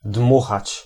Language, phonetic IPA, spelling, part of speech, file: Polish, [ˈdmuxat͡ɕ], dmuchać, verb, Pl-dmuchać.ogg